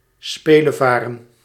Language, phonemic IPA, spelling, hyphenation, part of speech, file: Dutch, /ˈspeː.ləˌvaː.rə(n)/, spelevaren, spe‧le‧va‧ren, verb, Nl-spelevaren.ogg
- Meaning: 1. to sail as a recreational activity 2. to ride as a recreational activity